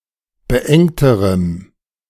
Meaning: strong dative masculine/neuter singular comparative degree of beengt
- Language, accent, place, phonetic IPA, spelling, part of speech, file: German, Germany, Berlin, [bəˈʔɛŋtəʁəm], beengterem, adjective, De-beengterem.ogg